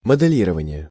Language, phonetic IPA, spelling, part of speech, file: Russian, [mədɨˈlʲirəvənʲɪje], моделирование, noun, Ru-моделирование.ogg
- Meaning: modelling/modeling, simulation